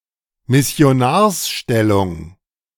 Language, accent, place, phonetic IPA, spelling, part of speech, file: German, Germany, Berlin, [mɪsi̯oˈnaːɐ̯sˌʃtɛlʊŋ], Missionarsstellung, noun, De-Missionarsstellung.ogg
- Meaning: missionary position